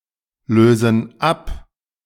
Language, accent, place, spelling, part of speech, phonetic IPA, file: German, Germany, Berlin, lösen ab, verb, [ˌløːzn̩ ˈap], De-lösen ab.ogg
- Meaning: inflection of ablösen: 1. first/third-person plural present 2. first/third-person plural subjunctive I